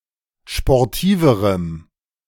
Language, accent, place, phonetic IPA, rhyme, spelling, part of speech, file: German, Germany, Berlin, [ʃpɔʁˈtiːvəʁəm], -iːvəʁəm, sportiverem, adjective, De-sportiverem.ogg
- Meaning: strong dative masculine/neuter singular comparative degree of sportiv